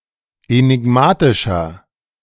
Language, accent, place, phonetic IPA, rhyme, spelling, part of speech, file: German, Germany, Berlin, [enɪˈɡmaːtɪʃɐ], -aːtɪʃɐ, enigmatischer, adjective, De-enigmatischer.ogg
- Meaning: 1. comparative degree of enigmatisch 2. inflection of enigmatisch: strong/mixed nominative masculine singular 3. inflection of enigmatisch: strong genitive/dative feminine singular